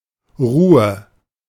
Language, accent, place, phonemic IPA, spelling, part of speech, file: German, Germany, Berlin, /ˈʁuːə/, Ruhe, noun, De-Ruhe.ogg
- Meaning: 1. calm, relative quietness (absence of loud sounds) 2. calmness, serenity 3. rest, repose